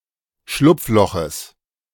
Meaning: genitive of Schlupfloch
- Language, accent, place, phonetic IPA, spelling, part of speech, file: German, Germany, Berlin, [ˈʃlʊp͡fˌlɔxəs], Schlupfloches, noun, De-Schlupfloches.ogg